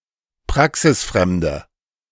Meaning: inflection of praxisfremd: 1. strong/mixed nominative/accusative feminine singular 2. strong nominative/accusative plural 3. weak nominative all-gender singular
- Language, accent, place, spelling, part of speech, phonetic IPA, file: German, Germany, Berlin, praxisfremde, adjective, [ˈpʁaksɪsˌfʁɛmdə], De-praxisfremde.ogg